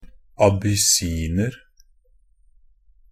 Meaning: 1. an Abyssinian (a native or inhabitant of Abyssinia, and older name for Ethiopia) 2. an Abyssinian (a short-haired domestic cat descended from cats of ancient Egypt)
- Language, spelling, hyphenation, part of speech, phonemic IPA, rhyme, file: Norwegian Bokmål, abyssiner, a‧bys‧sin‧er, noun, /abʏˈsiːnər/, -ər, NB - Pronunciation of Norwegian Bokmål «abyssiner».ogg